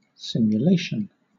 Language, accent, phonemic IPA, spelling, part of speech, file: English, Southern England, /ˌsɪm.jʊˈleɪ.ʃn̩/, simulation, noun, LL-Q1860 (eng)-simulation.wav
- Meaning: 1. Something that simulates a system or environment in order to predict actual behaviour 2. The process of simulating